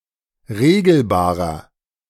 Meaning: inflection of regelbar: 1. strong/mixed nominative masculine singular 2. strong genitive/dative feminine singular 3. strong genitive plural
- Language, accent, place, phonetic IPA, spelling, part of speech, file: German, Germany, Berlin, [ˈʁeːɡl̩baːʁɐ], regelbarer, adjective, De-regelbarer.ogg